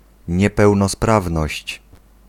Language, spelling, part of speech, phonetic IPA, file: Polish, niepełnosprawność, noun, [ˌɲɛpɛwnɔˈspravnɔɕt͡ɕ], Pl-niepełnosprawność.ogg